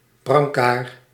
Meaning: gurney, stretcher
- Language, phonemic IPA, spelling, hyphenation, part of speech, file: Dutch, /brɑŋˈkaːr/, brancard, bran‧card, noun, Nl-brancard.ogg